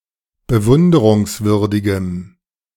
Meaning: strong dative masculine/neuter singular of bewunderungswürdig
- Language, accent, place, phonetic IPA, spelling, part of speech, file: German, Germany, Berlin, [bəˈvʊndəʁʊŋsˌvʏʁdɪɡəm], bewunderungswürdigem, adjective, De-bewunderungswürdigem.ogg